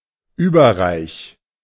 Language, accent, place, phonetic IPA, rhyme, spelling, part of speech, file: German, Germany, Berlin, [ˌyːbɐˈʁaɪ̯ç], -aɪ̯ç, überreich, verb, De-überreich.ogg
- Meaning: 1. singular imperative of überreichen 2. first-person singular present of überreichen